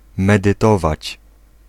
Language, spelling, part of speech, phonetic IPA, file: Polish, medytować, verb, [ˌmɛdɨˈtɔvat͡ɕ], Pl-medytować.ogg